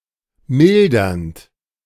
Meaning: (verb) present participle of mildern; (adjective) mitigating, alleviating, extenuating
- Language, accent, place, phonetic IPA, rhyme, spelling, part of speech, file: German, Germany, Berlin, [ˈmɪldɐnt], -ɪldɐnt, mildernd, verb, De-mildernd.ogg